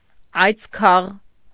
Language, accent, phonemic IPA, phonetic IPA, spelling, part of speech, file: Armenian, Eastern Armenian, /ɑjt͡sˈkʰɑʁ/, [ɑjt͡skʰɑ́ʁ], այծքաղ, noun, Hy-այծքաղ.ogg
- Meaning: antelope